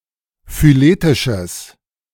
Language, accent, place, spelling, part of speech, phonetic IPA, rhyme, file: German, Germany, Berlin, phyletisches, adjective, [fyˈleːtɪʃəs], -eːtɪʃəs, De-phyletisches.ogg
- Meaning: strong/mixed nominative/accusative neuter singular of phyletisch